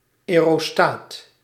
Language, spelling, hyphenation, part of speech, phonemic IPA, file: Dutch, aerostaat, ae‧ro‧staat, noun, /ˌɛː.roːˈstaːt/, Nl-aerostaat.ogg
- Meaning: aerostat